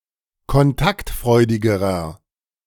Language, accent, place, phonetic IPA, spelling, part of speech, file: German, Germany, Berlin, [kɔnˈtaktˌfʁɔɪ̯dɪɡəʁɐ], kontaktfreudigerer, adjective, De-kontaktfreudigerer.ogg
- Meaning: inflection of kontaktfreudig: 1. strong/mixed nominative masculine singular comparative degree 2. strong genitive/dative feminine singular comparative degree